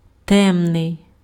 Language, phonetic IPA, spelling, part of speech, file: Ukrainian, [ˈtɛmnei̯], темний, adjective, Uk-темний.ogg
- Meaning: dark